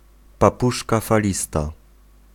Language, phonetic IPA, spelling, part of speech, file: Polish, [paˈpuʃka faˈlʲista], papużka falista, noun, Pl-papużka falista.ogg